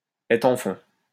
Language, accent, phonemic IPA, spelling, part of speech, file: French, France, /ɛtʁ ɑ̃ fɔ̃/, être en fonds, verb, LL-Q150 (fra)-être en fonds.wav
- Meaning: to have money, to be in funds